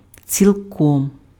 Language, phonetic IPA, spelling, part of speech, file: Ukrainian, [t͡sʲiɫˈkɔm], цілком, adverb, Uk-цілком.ogg
- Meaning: entirely, completely, wholly